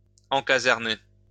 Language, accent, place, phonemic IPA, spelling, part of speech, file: French, France, Lyon, /ɑ̃.ka.zɛʁ.ne/, encaserner, verb, LL-Q150 (fra)-encaserner.wav
- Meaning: to lodge in barracks